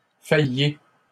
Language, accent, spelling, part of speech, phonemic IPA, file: French, Canada, failliez, verb, /faj.je/, LL-Q150 (fra)-failliez.wav
- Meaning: inflection of faillir: 1. second-person plural imperfect indicative 2. second-person plural present subjunctive